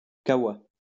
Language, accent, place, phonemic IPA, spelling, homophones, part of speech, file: French, France, Lyon, /ka.wa/, caoua, cahoua / kahoua / kawa, noun, LL-Q150 (fra)-caoua.wav
- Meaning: coffee